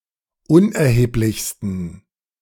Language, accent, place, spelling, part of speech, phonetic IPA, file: German, Germany, Berlin, unerheblichsten, adjective, [ˈʊnʔɛɐ̯heːplɪçstn̩], De-unerheblichsten.ogg
- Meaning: 1. superlative degree of unerheblich 2. inflection of unerheblich: strong genitive masculine/neuter singular superlative degree